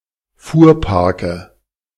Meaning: nominative/accusative/genitive plural of Fuhrpark
- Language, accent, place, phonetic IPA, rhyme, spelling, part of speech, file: German, Germany, Berlin, [ˈfuːɐ̯ˌpaʁkə], -uːɐ̯paʁkə, Fuhrparke, noun, De-Fuhrparke.ogg